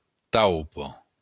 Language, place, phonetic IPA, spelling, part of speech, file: Occitan, Béarn, [ˈtawpo], taupa, noun, LL-Q14185 (oci)-taupa.wav
- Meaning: mole